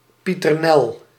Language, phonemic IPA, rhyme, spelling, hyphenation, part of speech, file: Dutch, /ˌpi.tərˈnɛl/, -ɛl, Pieternel, Pie‧ter‧nel, proper noun, Nl-Pieternel.ogg
- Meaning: a female given name, alternative form of Pieternella